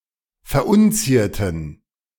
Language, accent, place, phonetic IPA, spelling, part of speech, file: German, Germany, Berlin, [fɛɐ̯ˈʔʊnˌt͡siːɐ̯tn̩], verunzierten, adjective / verb, De-verunzierten.ogg
- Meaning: inflection of verunzieren: 1. first/third-person plural preterite 2. first/third-person plural subjunctive II